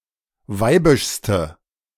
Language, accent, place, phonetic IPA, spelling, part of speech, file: German, Germany, Berlin, [ˈvaɪ̯bɪʃstə], weibischste, adjective, De-weibischste.ogg
- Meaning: inflection of weibisch: 1. strong/mixed nominative/accusative feminine singular superlative degree 2. strong nominative/accusative plural superlative degree